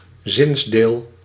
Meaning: phrase (syntactic unit)
- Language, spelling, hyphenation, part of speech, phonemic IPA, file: Dutch, zinsdeel, zins‧deel, noun, /ˈzɪns.deːl/, Nl-zinsdeel.ogg